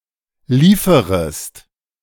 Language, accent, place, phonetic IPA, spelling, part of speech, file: German, Germany, Berlin, [ˈliːfəʁəst], lieferest, verb, De-lieferest.ogg
- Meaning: second-person singular subjunctive I of liefern